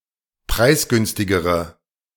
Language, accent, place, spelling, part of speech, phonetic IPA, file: German, Germany, Berlin, preisgünstigere, adjective, [ˈpʁaɪ̯sˌɡʏnstɪɡəʁə], De-preisgünstigere.ogg
- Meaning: inflection of preisgünstig: 1. strong/mixed nominative/accusative feminine singular comparative degree 2. strong nominative/accusative plural comparative degree